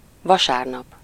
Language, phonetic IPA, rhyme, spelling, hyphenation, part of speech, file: Hungarian, [ˈvɒʃaːrnɒp], -ɒp, vasárnap, va‧sár‧nap, adverb / noun, Hu-vasárnap.ogg
- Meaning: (adverb) on Sunday; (noun) Sunday